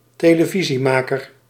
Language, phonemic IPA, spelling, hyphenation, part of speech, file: Dutch, /teː.ləˈvi.ziˌmaː.kər/, televisiemaker, te‧le‧vi‧sie‧ma‧ker, noun, Nl-televisiemaker.ogg
- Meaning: a producer of television programs